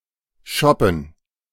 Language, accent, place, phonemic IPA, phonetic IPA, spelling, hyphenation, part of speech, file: German, Germany, Berlin, /ˈʃɔpən/, [ˈʃɔpm̩], shoppen, shop‧pen, verb, De-shoppen.ogg
- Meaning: to shop